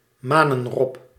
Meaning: South American sea lion, Otaria flavescens
- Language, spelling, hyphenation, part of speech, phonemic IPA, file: Dutch, manenrob, ma‧nen‧rob, noun, /ˈmaː.nə(n)ˌrɔp/, Nl-manenrob.ogg